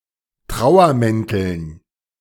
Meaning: dative plural of Trauermantel
- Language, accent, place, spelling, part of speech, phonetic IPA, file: German, Germany, Berlin, Trauermänteln, noun, [ˈtʁaʊ̯ɐˌmɛntl̩n], De-Trauermänteln.ogg